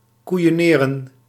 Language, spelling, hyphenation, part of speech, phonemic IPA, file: Dutch, koeioneren, koei‧o‧ne‧ren, verb, /ˌku.joːˈneː.rə(n)/, Nl-koeioneren.ogg
- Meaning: 1. to belittle, to patronise 2. to bully, to pester, to victimize